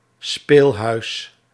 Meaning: 1. casino, playhouse 2. seedy pub, similar to a sleazy cabaret or nightclub 3. pavilion, summerhouse, gazebo
- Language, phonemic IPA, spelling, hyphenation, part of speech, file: Dutch, /ˈspeːl.ɦœy̯s/, speelhuis, speel‧huis, noun, Nl-speelhuis.ogg